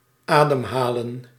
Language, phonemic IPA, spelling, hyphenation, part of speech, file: Dutch, /ˈaːdəmˌɦaːlə(n)/, ademhalen, adem‧ha‧len, verb, Nl-ademhalen.ogg
- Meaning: to breathe